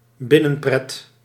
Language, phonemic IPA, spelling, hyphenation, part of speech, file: Dutch, /ˈbɪ.nə(n)ˌprɛt/, binnenpret, bin‧nen‧pret, noun, Nl-binnenpret.ogg
- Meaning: fun caused by reminiscing or amusing thoughts